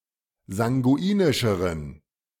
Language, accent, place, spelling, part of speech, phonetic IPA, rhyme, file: German, Germany, Berlin, sanguinischeren, adjective, [zaŋɡuˈiːnɪʃəʁən], -iːnɪʃəʁən, De-sanguinischeren.ogg
- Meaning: inflection of sanguinisch: 1. strong genitive masculine/neuter singular comparative degree 2. weak/mixed genitive/dative all-gender singular comparative degree